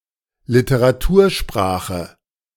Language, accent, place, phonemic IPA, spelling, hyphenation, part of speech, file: German, Germany, Berlin, /lɪtəʁaˈtuːɐ̯ˌʃpʁaːxə/, Literatursprache, Li‧te‧ra‧tur‧spra‧che, noun, De-Literatursprache.ogg
- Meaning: literary language